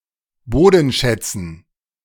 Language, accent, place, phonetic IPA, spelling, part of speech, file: German, Germany, Berlin, [ˈboːdn̩ˌʃɛt͡sn̩], Bodenschätzen, noun, De-Bodenschätzen.ogg
- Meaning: dative plural of Bodenschatz